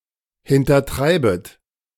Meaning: second-person plural subjunctive I of hintertreiben
- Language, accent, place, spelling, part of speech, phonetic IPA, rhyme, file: German, Germany, Berlin, hintertreibet, verb, [hɪntɐˈtʁaɪ̯bət], -aɪ̯bət, De-hintertreibet.ogg